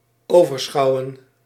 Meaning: to oversee, watch over
- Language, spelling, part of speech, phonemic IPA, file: Dutch, overschouwen, verb, /ˌoː.vərˈsxɑu̯.ə(n)/, Nl-overschouwen.ogg